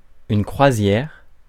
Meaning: 1. cruise (sea voyage) 2. cruiser (vessel which cruises)
- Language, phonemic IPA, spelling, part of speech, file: French, /kʁwa.zjɛʁ/, croisière, noun, Fr-croisière.ogg